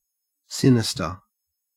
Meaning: 1. Inauspicious, ominous, unlucky, illegitimate 2. Evil or seemingly evil; indicating lurking danger or harm 3. Of the left side
- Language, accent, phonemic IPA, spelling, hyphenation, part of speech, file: English, Australia, /ˈsɪ.nɪ.stə/, sinister, si‧ni‧ster, adjective, En-au-sinister.ogg